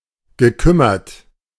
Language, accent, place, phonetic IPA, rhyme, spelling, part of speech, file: German, Germany, Berlin, [ɡəˈkʏmɐt], -ʏmɐt, gekümmert, verb, De-gekümmert.ogg
- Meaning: past participle of kümmern